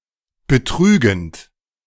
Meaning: present participle of betrügen
- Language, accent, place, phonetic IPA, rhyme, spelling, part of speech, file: German, Germany, Berlin, [bəˈtʁyːɡn̩t], -yːɡn̩t, betrügend, verb, De-betrügend.ogg